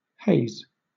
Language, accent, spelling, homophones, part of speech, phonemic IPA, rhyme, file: English, Southern England, haze, hays, noun / verb, /heɪz/, -eɪz, LL-Q1860 (eng)-haze.wav
- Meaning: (noun) Very fine solid particles (smoke, dust) or liquid droplets (moisture) suspended in the air, slightly limiting visibility. (Compare fog, mist.)